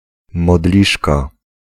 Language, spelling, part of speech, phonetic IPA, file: Polish, modliszka, noun, [mɔˈdlʲiʃka], Pl-modliszka.ogg